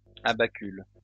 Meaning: plural of abacule
- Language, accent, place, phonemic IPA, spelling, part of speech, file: French, France, Lyon, /a.ba.kyl/, abacules, noun, LL-Q150 (fra)-abacules.wav